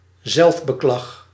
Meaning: complaining about one's condition, often framed as self-pity
- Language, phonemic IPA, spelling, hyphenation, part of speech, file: Dutch, /ˈzɛlf.bəˌklɑx/, zelfbeklag, zelf‧be‧klag, noun, Nl-zelfbeklag.ogg